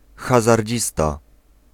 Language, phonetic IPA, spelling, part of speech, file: Polish, [ˌxazarʲˈd͡ʑista], hazardzista, noun, Pl-hazardzista.ogg